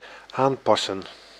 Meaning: 1. to change, adjust 2. to adjust, adapt 3. to fit, try on
- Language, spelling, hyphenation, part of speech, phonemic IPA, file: Dutch, aanpassen, aan‧pas‧sen, verb, /ˈaːmˌpɑsə(n)/, Nl-aanpassen.ogg